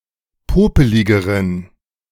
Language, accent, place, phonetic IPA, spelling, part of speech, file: German, Germany, Berlin, [ˈpoːpəlɪɡəʁən], popeligeren, adjective, De-popeligeren.ogg
- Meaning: inflection of popelig: 1. strong genitive masculine/neuter singular comparative degree 2. weak/mixed genitive/dative all-gender singular comparative degree